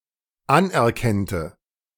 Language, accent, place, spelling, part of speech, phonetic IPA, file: German, Germany, Berlin, anerkennte, verb, [ˈanʔɛɐ̯ˌkɛntə], De-anerkennte.ogg
- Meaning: first/third-person singular dependent subjunctive II of anerkennen